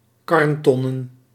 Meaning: plural of karnton
- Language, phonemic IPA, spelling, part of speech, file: Dutch, /ˈkɑrᵊnˌtɔnə(n)/, karntonnen, noun, Nl-karntonnen.ogg